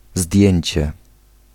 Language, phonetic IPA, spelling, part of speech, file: Polish, [ˈzdʲjɛ̇̃ɲt͡ɕɛ], zdjęcie, noun, Pl-zdjęcie.ogg